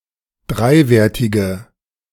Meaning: inflection of dreiwertig: 1. strong/mixed nominative/accusative feminine singular 2. strong nominative/accusative plural 3. weak nominative all-gender singular
- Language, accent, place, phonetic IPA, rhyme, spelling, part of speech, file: German, Germany, Berlin, [ˈdʁaɪ̯ˌveːɐ̯tɪɡə], -aɪ̯veːɐ̯tɪɡə, dreiwertige, adjective, De-dreiwertige.ogg